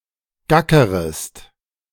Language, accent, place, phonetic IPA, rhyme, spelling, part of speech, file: German, Germany, Berlin, [ˈɡakəʁəst], -akəʁəst, gackerest, verb, De-gackerest.ogg
- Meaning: second-person singular subjunctive I of gackern